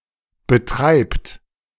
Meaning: inflection of betreiben: 1. third-person singular present 2. second-person plural present
- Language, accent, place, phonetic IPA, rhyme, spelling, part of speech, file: German, Germany, Berlin, [bəˈtʁaɪ̯pt], -aɪ̯pt, betreibt, verb, De-betreibt.ogg